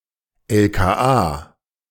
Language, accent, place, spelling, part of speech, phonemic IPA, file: German, Germany, Berlin, LKA, noun, /ˌɛlkaːˈʔaː/, De-LKA.ogg
- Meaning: 1. abbreviation of Landeskriminalamt 2. abbreviation of Landeskirchenamt 3. abbreviation of Landeskirchenarchiv 4. abbreviation of Landeskleinbahnamt